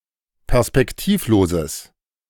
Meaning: strong/mixed nominative/accusative neuter singular of perspektivlos
- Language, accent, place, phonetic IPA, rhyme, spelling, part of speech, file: German, Germany, Berlin, [pɛʁspɛkˈtiːfˌloːzəs], -iːfloːzəs, perspektivloses, adjective, De-perspektivloses.ogg